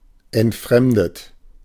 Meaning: past participle of entfremden
- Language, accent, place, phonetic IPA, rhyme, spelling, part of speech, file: German, Germany, Berlin, [ɛntˈfʁɛmdət], -ɛmdət, entfremdet, adjective / verb, De-entfremdet.ogg